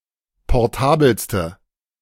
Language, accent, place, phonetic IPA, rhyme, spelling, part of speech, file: German, Germany, Berlin, [pɔʁˈtaːbl̩stə], -aːbl̩stə, portabelste, adjective, De-portabelste.ogg
- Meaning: inflection of portabel: 1. strong/mixed nominative/accusative feminine singular superlative degree 2. strong nominative/accusative plural superlative degree